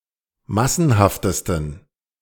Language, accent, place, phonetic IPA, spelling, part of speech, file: German, Germany, Berlin, [ˈmasn̩haftəstn̩], massenhaftesten, adjective, De-massenhaftesten.ogg
- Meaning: 1. superlative degree of massenhaft 2. inflection of massenhaft: strong genitive masculine/neuter singular superlative degree